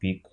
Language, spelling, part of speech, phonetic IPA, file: Russian, пик, noun, [pʲik], Ru-пик.ogg
- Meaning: 1. peak 2. genitive plural of пи́ка (píka) 3. genitive of пи́ки (píki)